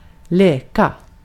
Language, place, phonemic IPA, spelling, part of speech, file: Swedish, Gotland, /ˈleːˌka/, leka, verb, Sv-leka.ogg
- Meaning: 1. to play (like children) 2. to play (more generally, sometimes with relaxed or nonchalant connotations) 3. to pretend to be something (as part of children's play, or more generally by extension)